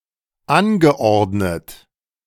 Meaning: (verb) past participle of anordnen; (adjective) arranged, ordered
- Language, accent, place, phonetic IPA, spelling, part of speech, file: German, Germany, Berlin, [ˈanɡəˌʔɔʁdnət], angeordnet, verb, De-angeordnet.ogg